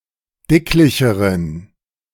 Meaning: inflection of dicklich: 1. strong genitive masculine/neuter singular comparative degree 2. weak/mixed genitive/dative all-gender singular comparative degree
- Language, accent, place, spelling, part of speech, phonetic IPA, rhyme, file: German, Germany, Berlin, dicklicheren, adjective, [ˈdɪklɪçəʁən], -ɪklɪçəʁən, De-dicklicheren.ogg